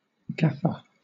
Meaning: 1. A chief lighting technician for a motion-picture or television production 2. A glassblower 3. Someone aboard a boat whose duty is to gaff a (large) fish once the angler has reeled it in
- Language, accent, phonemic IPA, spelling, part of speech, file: English, Southern England, /ɡæfə/, gaffer, noun, LL-Q1860 (eng)-gaffer.wav